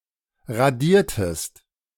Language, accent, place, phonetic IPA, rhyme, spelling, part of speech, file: German, Germany, Berlin, [ʁaˈdiːɐ̯təst], -iːɐ̯təst, radiertest, verb, De-radiertest.ogg
- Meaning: inflection of radieren: 1. second-person singular preterite 2. second-person singular subjunctive II